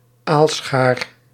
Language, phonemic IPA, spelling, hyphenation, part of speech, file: Dutch, /ˈaːl.sxaːr/, aalschaar, aal‧schaar, noun, Nl-aalschaar.ogg
- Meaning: multipronged spear for fishing eel